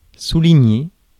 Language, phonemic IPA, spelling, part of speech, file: French, /su.li.ɲe/, souligner, verb, Fr-souligner.ogg
- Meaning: 1. to underscore, to underline (draw a line under) 2. to highlight, to emphasize (put emphasis on)